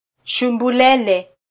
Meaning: alternative form of shumburere
- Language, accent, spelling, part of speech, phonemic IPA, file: Swahili, Kenya, shumbulele, noun, /ʃu.ᵐbuˈlɛ.lɛ/, Sw-ke-shumbulele.flac